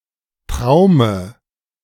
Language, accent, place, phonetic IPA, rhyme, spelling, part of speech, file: German, Germany, Berlin, [ˈtʁaʊ̯mə], -aʊ̯mə, Traume, noun, De-Traume.ogg
- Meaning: dative of Traum